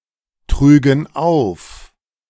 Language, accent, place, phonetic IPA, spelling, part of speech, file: German, Germany, Berlin, [ˌtʁyːɡn̩ ˈaʊ̯f], trügen auf, verb, De-trügen auf.ogg
- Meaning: first-person plural subjunctive II of auftragen